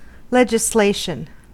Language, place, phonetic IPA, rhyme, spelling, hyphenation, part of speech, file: English, California, [ˌlɛd͡ʒˈsleɪʃən], -eɪʃən, legislation, le‧gis‧la‧tion, noun, En-us-legislation.ogg
- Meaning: 1. The act of legislating; preparation and enactment of laws 2. A law which has been enacted by legislature or other governing body